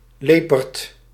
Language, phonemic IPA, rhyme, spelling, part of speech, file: Dutch, /ˈleː.pərt/, -eːpərt, leperd, noun, Nl-leperd.ogg
- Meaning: sly fox, cunning person